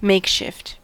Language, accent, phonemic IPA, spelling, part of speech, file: English, US, /ˈmeɪkˌʃɪft/, makeshift, noun / adjective, En-us-makeshift.ogg
- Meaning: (noun) A temporary (usually insubstantial) substitution; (adjective) Made to work or suffice; improvised; substituted